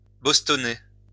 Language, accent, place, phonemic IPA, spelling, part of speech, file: French, France, Lyon, /bɔs.tɔ.ne/, bostonner, verb, LL-Q150 (fra)-bostonner.wav
- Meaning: to dance the Boston